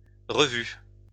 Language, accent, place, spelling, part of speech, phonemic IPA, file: French, France, Lyon, revues, noun, /ʁə.vy/, LL-Q150 (fra)-revues.wav
- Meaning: plural of revue